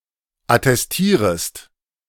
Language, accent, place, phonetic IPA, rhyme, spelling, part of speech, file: German, Germany, Berlin, [atɛsˈtiːʁəst], -iːʁəst, attestierest, verb, De-attestierest.ogg
- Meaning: second-person singular subjunctive I of attestieren